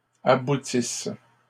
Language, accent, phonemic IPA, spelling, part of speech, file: French, Canada, /a.bu.tis/, aboutisses, verb, LL-Q150 (fra)-aboutisses.wav
- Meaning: second-person singular present/imperfect subjunctive of aboutir